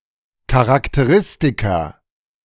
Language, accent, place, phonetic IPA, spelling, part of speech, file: German, Germany, Berlin, [kaʁakteˈʁɪstika], Charakteristika, noun, De-Charakteristika.ogg
- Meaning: plural of Charakteristikum